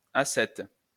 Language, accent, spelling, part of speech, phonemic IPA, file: French, France, assette, noun, /a.sɛt/, LL-Q150 (fra)-assette.wav
- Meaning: a type of small pickaxe